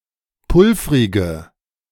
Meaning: inflection of pulvrig: 1. strong/mixed nominative/accusative feminine singular 2. strong nominative/accusative plural 3. weak nominative all-gender singular 4. weak accusative feminine/neuter singular
- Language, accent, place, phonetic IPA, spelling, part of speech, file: German, Germany, Berlin, [ˈpʊlfʁɪɡə], pulvrige, adjective, De-pulvrige.ogg